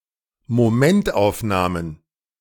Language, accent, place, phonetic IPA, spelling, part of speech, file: German, Germany, Berlin, [moˈmɛntʔaʊ̯fˌnaːmən], Momentaufnahmen, noun, De-Momentaufnahmen.ogg
- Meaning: plural of Momentaufnahme